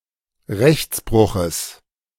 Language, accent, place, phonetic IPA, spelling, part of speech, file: German, Germany, Berlin, [ˈʁɛçt͡sˌbʁʊxəs], Rechtsbruches, noun, De-Rechtsbruches.ogg
- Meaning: genitive singular of Rechtsbruch